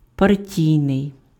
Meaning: party, political party (attributive)
- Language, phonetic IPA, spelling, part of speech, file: Ukrainian, [pɐrˈtʲii̯nei̯], партійний, adjective, Uk-партійний.ogg